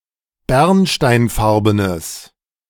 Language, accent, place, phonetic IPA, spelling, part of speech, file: German, Germany, Berlin, [ˈbɛʁnʃtaɪ̯nˌfaʁbənəs], bernsteinfarbenes, adjective, De-bernsteinfarbenes.ogg
- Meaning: strong/mixed nominative/accusative neuter singular of bernsteinfarben